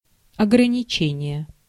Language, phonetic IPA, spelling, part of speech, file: Russian, [ɐɡrənʲɪˈt͡ɕenʲɪje], ограничение, noun, Ru-ограничение.ogg
- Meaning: limitation, restriction, constraint